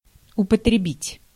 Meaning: to use, to apply
- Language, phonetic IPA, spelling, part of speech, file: Russian, [ʊpətrʲɪˈbʲitʲ], употребить, verb, Ru-употребить.ogg